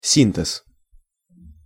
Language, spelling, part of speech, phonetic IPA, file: Russian, синтез, noun, [ˈsʲintɨs], Ru-синтез.ogg
- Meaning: synthesis (formation of something complex or coherent)